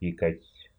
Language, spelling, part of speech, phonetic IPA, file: Russian, пикать, verb, [ˈpʲikətʲ], Ru-пикать.ogg
- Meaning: 1. to peep, to squeak 2. to utter a peep, to cry out, to moan 3. to object, to express one's opinion 4. to peek (from behind cover) 5. to pick